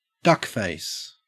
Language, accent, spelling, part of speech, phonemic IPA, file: English, Australia, duckface, noun, /ˈdʌkˌfeɪs/, En-au-duckface.ogg
- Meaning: A facial expression in which the lips are pushed outwards in a pout